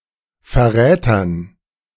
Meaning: dative plural of Verräter
- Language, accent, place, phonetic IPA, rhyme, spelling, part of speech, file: German, Germany, Berlin, [fɛɐ̯ˈʁɛːtɐn], -ɛːtɐn, Verrätern, noun, De-Verrätern.ogg